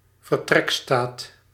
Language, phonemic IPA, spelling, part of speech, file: Dutch, /vər.ˈtrɛk.stat/, vertrekstaat, noun, Nl-vertrekstaat.ogg
- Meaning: timetable of departures